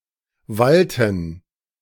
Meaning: inflection of wallen: 1. first/third-person plural preterite 2. first/third-person plural subjunctive II
- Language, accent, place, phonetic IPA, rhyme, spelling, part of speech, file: German, Germany, Berlin, [ˈvaltn̩], -altn̩, wallten, verb, De-wallten.ogg